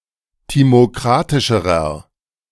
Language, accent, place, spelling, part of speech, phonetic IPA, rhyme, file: German, Germany, Berlin, timokratischerer, adjective, [ˌtimoˈkʁatɪʃəʁɐ], -atɪʃəʁɐ, De-timokratischerer.ogg
- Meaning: inflection of timokratisch: 1. strong/mixed nominative masculine singular comparative degree 2. strong genitive/dative feminine singular comparative degree 3. strong genitive plural comparative degree